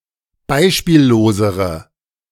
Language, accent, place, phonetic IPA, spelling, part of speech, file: German, Germany, Berlin, [ˈbaɪ̯ʃpiːlloːzəʁə], beispiellosere, adjective, De-beispiellosere.ogg
- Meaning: inflection of beispiellos: 1. strong/mixed nominative/accusative feminine singular comparative degree 2. strong nominative/accusative plural comparative degree